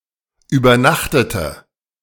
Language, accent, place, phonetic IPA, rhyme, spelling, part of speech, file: German, Germany, Berlin, [yːbɐˈnaxtətə], -axtətə, übernachtete, verb, De-übernachtete.ogg
- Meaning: inflection of übernachten: 1. first/third-person singular preterite 2. first/third-person singular subjunctive II